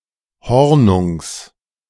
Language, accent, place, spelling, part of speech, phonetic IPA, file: German, Germany, Berlin, Hornungs, noun, [ˈhɔʁnʊŋs], De-Hornungs.ogg
- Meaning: genitive of Hornung